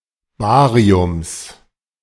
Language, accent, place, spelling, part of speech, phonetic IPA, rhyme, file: German, Germany, Berlin, Bariums, noun, [ˈbaːʁiʊms], -aːʁiʊms, De-Bariums.ogg
- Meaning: genitive singular of Barium